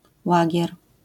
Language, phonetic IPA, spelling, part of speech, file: Polish, [ˈwaɟɛr], łagier, noun, LL-Q809 (pol)-łagier.wav